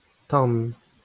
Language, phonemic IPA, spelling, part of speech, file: Breton, /ˈtãːn/, tan, noun, LL-Q12107 (bre)-tan.wav
- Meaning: fire